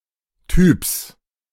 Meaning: genitive singular of Typ
- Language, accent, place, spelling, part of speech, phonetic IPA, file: German, Germany, Berlin, Typs, noun, [tyːps], De-Typs.ogg